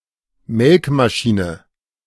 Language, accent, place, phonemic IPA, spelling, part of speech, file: German, Germany, Berlin, /ˈmɛlkmaˌʃiːnə/, Melkmaschine, noun, De-Melkmaschine.ogg
- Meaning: milking machine